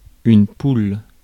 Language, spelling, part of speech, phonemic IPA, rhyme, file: French, poule, noun, /pul/, -ul, Fr-poule.ogg
- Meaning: 1. hen (female chicken) 2. chick, bird (woman) 3. pool 4. pool, group (stage of a competition before the knockout stages)